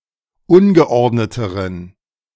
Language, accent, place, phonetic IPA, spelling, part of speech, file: German, Germany, Berlin, [ˈʊnɡəˌʔɔʁdnətəʁən], ungeordneteren, adjective, De-ungeordneteren.ogg
- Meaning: inflection of ungeordnet: 1. strong genitive masculine/neuter singular comparative degree 2. weak/mixed genitive/dative all-gender singular comparative degree